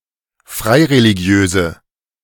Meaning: inflection of freireligiös: 1. strong/mixed nominative/accusative feminine singular 2. strong nominative/accusative plural 3. weak nominative all-gender singular
- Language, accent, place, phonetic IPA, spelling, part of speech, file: German, Germany, Berlin, [ˈfʁaɪ̯ʁeliˌɡi̯øːzə], freireligiöse, adjective, De-freireligiöse.ogg